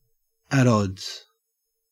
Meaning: In disagreement; conflicting
- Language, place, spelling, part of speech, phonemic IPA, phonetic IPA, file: English, Queensland, at odds, prepositional phrase, /ət‿ˈɔdz/, [əɾ‿ˈɔdz], En-au-at odds.ogg